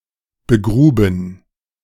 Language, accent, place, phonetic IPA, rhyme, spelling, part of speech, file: German, Germany, Berlin, [bəˈɡʁuːbn̩], -uːbn̩, begruben, verb, De-begruben.ogg
- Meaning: first/third-person plural preterite of begraben